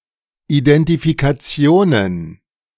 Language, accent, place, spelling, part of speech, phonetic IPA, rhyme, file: German, Germany, Berlin, Identifikationen, noun, [idɛntifikaˈt͡si̯oːnən], -oːnən, De-Identifikationen.ogg
- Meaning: plural of Identifikation